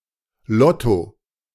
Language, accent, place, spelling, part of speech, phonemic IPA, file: German, Germany, Berlin, Lotto, noun, /ˈlɔto/, De-Lotto.ogg
- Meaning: lotto